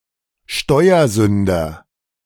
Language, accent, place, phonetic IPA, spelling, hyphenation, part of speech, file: German, Germany, Berlin, [ˈʃtɔɪ̯ɐˌzʏndɐ], Steuersünder, Steu‧er‧sün‧der, noun, De-Steuersünder.ogg
- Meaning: tax evader (male or of unspecified gender)